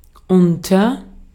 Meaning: 1. under 2. below 3. among, between 4. with; along with; accompanied by an action (often concessive) 5. during
- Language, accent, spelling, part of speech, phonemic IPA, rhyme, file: German, Austria, unter, preposition, /ˈʊntɐ/, -ʊntɐ, De-at-unter.ogg